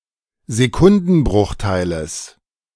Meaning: genitive singular of Sekundenbruchteil
- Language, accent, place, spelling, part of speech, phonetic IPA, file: German, Germany, Berlin, Sekundenbruchteiles, noun, [zeˈkʊndn̩ˌbʁʊxtaɪ̯ləs], De-Sekundenbruchteiles.ogg